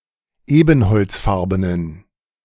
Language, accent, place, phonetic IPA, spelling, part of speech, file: German, Germany, Berlin, [ˈeːbn̩hɔlt͡sˌfaʁbənən], ebenholzfarbenen, adjective, De-ebenholzfarbenen.ogg
- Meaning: inflection of ebenholzfarben: 1. strong genitive masculine/neuter singular 2. weak/mixed genitive/dative all-gender singular 3. strong/weak/mixed accusative masculine singular 4. strong dative plural